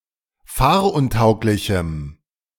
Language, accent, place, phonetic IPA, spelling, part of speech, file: German, Germany, Berlin, [ˈfaːɐ̯ʔʊnˌtaʊ̯klɪçm̩], fahruntauglichem, adjective, De-fahruntauglichem.ogg
- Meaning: strong dative masculine/neuter singular of fahruntauglich